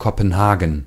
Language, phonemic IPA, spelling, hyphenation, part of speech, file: German, /kopənˈhaːɡən/, Kopenhagen, Ko‧pen‧ha‧gen, proper noun, De-Kopenhagen.ogg
- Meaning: 1. Copenhagen (the capital city of Denmark) 2. a surname